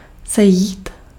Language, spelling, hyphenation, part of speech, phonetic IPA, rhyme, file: Czech, sejít, se‧jít, verb, [ˈsɛjiːt], -ɛjiːt, Cs-sejít.ogg
- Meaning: 1. to walk down 2. to meet (to come face to face with someone by arrangement)